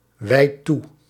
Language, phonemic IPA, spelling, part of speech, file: Dutch, /ˈwɛit ˈtu/, wijdt toe, verb, Nl-wijdt toe.ogg
- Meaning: inflection of toewijden: 1. second/third-person singular present indicative 2. plural imperative